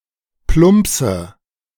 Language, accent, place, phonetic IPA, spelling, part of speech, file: German, Germany, Berlin, [ˈplʊmpsə], plumpse, verb, De-plumpse.ogg
- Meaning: inflection of plumpsen: 1. first-person singular present 2. first/third-person singular subjunctive I 3. singular imperative